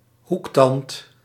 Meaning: canine (tooth)
- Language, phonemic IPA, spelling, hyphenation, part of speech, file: Dutch, /ˈhuktɑnt/, hoektand, hoek‧tand, noun, Nl-hoektand.ogg